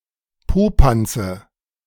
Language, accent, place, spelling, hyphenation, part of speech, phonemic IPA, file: German, Germany, Berlin, Popanze, Po‧pan‧ze, noun, /ˈpoːpantsə/, De-Popanze.ogg
- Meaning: nominative/accusative/genitive plural of Popanz